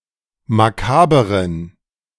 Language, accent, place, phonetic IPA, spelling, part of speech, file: German, Germany, Berlin, [maˈkaːbəʁən], makaberen, adjective, De-makaberen.ogg
- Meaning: inflection of makaber: 1. strong genitive masculine/neuter singular 2. weak/mixed genitive/dative all-gender singular 3. strong/weak/mixed accusative masculine singular 4. strong dative plural